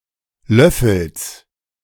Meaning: genitive singular of Löffel
- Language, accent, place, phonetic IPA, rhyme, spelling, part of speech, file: German, Germany, Berlin, [ˈlœfl̩s], -œfl̩s, Löffels, noun, De-Löffels.ogg